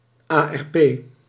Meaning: abbreviation of Antirevolutionaire Partij
- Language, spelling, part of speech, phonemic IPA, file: Dutch, ARP, proper noun, /aː.ɛrˈpeː/, Nl-ARP.ogg